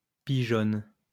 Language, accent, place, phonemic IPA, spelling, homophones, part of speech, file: French, France, Lyon, /pi.ʒɔn/, pigeonne, pigeonnent / pigeonnes, verb, LL-Q150 (fra)-pigeonne.wav
- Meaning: inflection of pigeonner: 1. first/third-person singular present indicative/subjunctive 2. second-person singular imperative